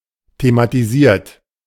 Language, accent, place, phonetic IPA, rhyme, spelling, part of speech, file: German, Germany, Berlin, [tematiˈziːɐ̯t], -iːɐ̯t, thematisiert, verb, De-thematisiert.ogg
- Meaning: 1. past participle of thematisieren 2. inflection of thematisieren: third-person singular present 3. inflection of thematisieren: second-person plural present